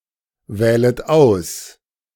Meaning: second-person plural subjunctive I of auswählen
- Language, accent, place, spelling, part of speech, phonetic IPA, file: German, Germany, Berlin, wählet aus, verb, [ˌvɛːlət ˈaʊ̯s], De-wählet aus.ogg